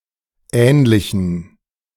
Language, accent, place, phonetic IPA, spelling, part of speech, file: German, Germany, Berlin, [ˈɛːnlɪçn̩], ähnlichen, adjective, De-ähnlichen.ogg
- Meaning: inflection of ähnlich: 1. strong genitive masculine/neuter singular 2. weak/mixed genitive/dative all-gender singular 3. strong/weak/mixed accusative masculine singular 4. strong dative plural